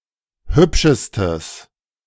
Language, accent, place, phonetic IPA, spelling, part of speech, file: German, Germany, Berlin, [ˈhʏpʃəstəs], hübschestes, adjective, De-hübschestes.ogg
- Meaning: strong/mixed nominative/accusative neuter singular superlative degree of hübsch